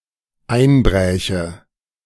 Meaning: first/third-person singular dependent subjunctive II of einbrechen
- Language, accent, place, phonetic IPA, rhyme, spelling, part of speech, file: German, Germany, Berlin, [ˈaɪ̯nˌbʁɛːçə], -aɪ̯nbʁɛːçə, einbräche, verb, De-einbräche.ogg